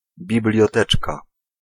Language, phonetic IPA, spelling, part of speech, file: Polish, [ˌbʲiblʲjɔˈtɛt͡ʃka], biblioteczka, noun, Pl-biblioteczka.ogg